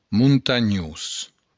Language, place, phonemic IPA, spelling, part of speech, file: Occitan, Béarn, /muntaˈɲus/, montanhós, adjective, LL-Q14185 (oci)-montanhós.wav
- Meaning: mountainous